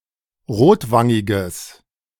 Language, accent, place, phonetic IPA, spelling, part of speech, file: German, Germany, Berlin, [ˈʁoːtˌvaŋɪɡəs], rotwangiges, adjective, De-rotwangiges.ogg
- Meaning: strong/mixed nominative/accusative neuter singular of rotwangig